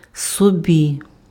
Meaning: dative/locative of себе (sebe)
- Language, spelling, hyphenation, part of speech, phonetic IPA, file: Ukrainian, собі, со‧бі, pronoun, [soˈbʲi], Uk-собі.ogg